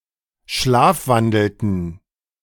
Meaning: inflection of schlafwandeln: 1. first/third-person plural preterite 2. first/third-person plural subjunctive II
- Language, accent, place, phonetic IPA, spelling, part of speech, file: German, Germany, Berlin, [ˈʃlaːfˌvandl̩tn̩], schlafwandelten, verb, De-schlafwandelten.ogg